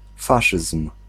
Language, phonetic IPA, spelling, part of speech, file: Polish, [ˈfaʃɨsm̥], faszyzm, noun, Pl-faszyzm.ogg